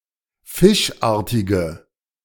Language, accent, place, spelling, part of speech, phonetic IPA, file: German, Germany, Berlin, fischartige, adjective, [ˈfɪʃˌʔaːɐ̯tɪɡə], De-fischartige.ogg
- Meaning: inflection of fischartig: 1. strong/mixed nominative/accusative feminine singular 2. strong nominative/accusative plural 3. weak nominative all-gender singular